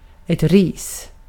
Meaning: 1. small shrubs, such as blueberry and lingonberry; bush, scrub, undergrowth, brushwood 2. severed twigs (for example in a bundle or as for a broom), brushwood 3. a spanking 4. negative criticism
- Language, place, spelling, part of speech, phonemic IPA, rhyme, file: Swedish, Gotland, ris, noun, /riːs/, -iːs, Sv-ris.ogg